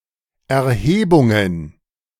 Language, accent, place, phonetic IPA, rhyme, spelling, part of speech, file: German, Germany, Berlin, [ɛɐ̯ˈheːbʊŋən], -eːbʊŋən, Erhebungen, noun, De-Erhebungen.ogg
- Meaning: plural of Erhebung